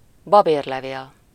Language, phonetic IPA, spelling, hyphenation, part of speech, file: Hungarian, [ˈbɒbeːrlɛveːl], babérlevél, ba‧bér‧le‧vél, noun, Hu-babérlevél.ogg
- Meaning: bay leaf